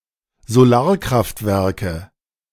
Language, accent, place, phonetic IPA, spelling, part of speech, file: German, Germany, Berlin, [zoˈlaːɐ̯kʁaftˌvɛʁkə], Solarkraftwerke, noun, De-Solarkraftwerke.ogg
- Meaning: nominative/accusative/genitive plural of Solarkraftwerk